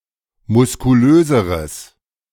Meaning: strong/mixed nominative/accusative neuter singular comparative degree of muskulös
- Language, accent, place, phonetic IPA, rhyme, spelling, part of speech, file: German, Germany, Berlin, [mʊskuˈløːzəʁəs], -øːzəʁəs, muskulöseres, adjective, De-muskulöseres.ogg